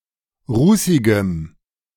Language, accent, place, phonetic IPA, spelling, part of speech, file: German, Germany, Berlin, [ˈʁuːsɪɡəm], rußigem, adjective, De-rußigem.ogg
- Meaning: strong dative masculine/neuter singular of rußig